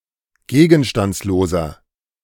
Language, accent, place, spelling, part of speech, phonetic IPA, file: German, Germany, Berlin, gegenstandsloser, adjective, [ˈɡeːɡn̩ʃtant͡sloːzɐ], De-gegenstandsloser.ogg
- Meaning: inflection of gegenstandslos: 1. strong/mixed nominative masculine singular 2. strong genitive/dative feminine singular 3. strong genitive plural